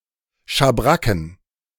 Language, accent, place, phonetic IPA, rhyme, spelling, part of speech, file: German, Germany, Berlin, [ʃaˈbʁakn̩], -akn̩, Schabracken, noun, De-Schabracken.ogg
- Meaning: plural of Schabracke